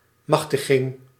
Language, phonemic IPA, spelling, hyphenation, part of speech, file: Dutch, /ˈmɑx.təˌɣɪŋ/, machtiging, mach‧ti‧ging, noun, Nl-machtiging.ogg
- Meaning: authorisation, permission (express approval to do something)